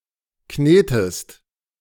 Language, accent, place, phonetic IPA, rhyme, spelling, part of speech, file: German, Germany, Berlin, [ˈkneːtəst], -eːtəst, knetest, verb, De-knetest.ogg
- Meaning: inflection of kneten: 1. second-person singular present 2. second-person singular subjunctive I